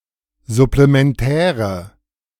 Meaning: inflection of supplementär: 1. strong/mixed nominative/accusative feminine singular 2. strong nominative/accusative plural 3. weak nominative all-gender singular
- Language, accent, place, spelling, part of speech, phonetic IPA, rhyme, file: German, Germany, Berlin, supplementäre, adjective, [zʊplemɛnˈtɛːʁə], -ɛːʁə, De-supplementäre.ogg